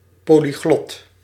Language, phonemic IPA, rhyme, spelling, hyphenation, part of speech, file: Dutch, /ˌpoː.liˈɣlɔt/, -ɔt, polyglot, po‧ly‧glot, noun / adjective, Nl-polyglot.ogg
- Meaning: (noun) 1. a polyglot, one who has mastered several languages 2. a publication with an original texts along with translations in several languages; especially of a version of the Bible